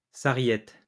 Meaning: savory (herb)
- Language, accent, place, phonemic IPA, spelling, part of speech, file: French, France, Lyon, /sa.ʁjɛt/, sarriette, noun, LL-Q150 (fra)-sarriette.wav